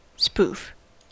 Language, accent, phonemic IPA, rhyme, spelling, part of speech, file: English, General American, /spuːf/, -uːf, spoof, noun / adjective / verb, En-us-spoof.ogg
- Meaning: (noun) An act of deception; a hoax; a joking prank